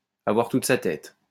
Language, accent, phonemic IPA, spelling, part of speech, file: French, France, /a.vwaʁ tut sa tɛt/, avoir toute sa tête, verb, LL-Q150 (fra)-avoir toute sa tête.wav
- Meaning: to have one's wits about one, to have all one's marbles, to be all there